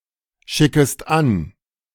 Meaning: second-person singular subjunctive I of anschicken
- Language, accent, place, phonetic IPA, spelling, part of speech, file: German, Germany, Berlin, [ˌʃɪkəst ˈan], schickest an, verb, De-schickest an.ogg